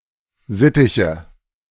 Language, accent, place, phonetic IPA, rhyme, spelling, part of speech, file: German, Germany, Berlin, [ˈzɪtɪçə], -ɪtɪçə, Sittiche, noun, De-Sittiche.ogg
- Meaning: nominative/accusative/genitive plural of Sittich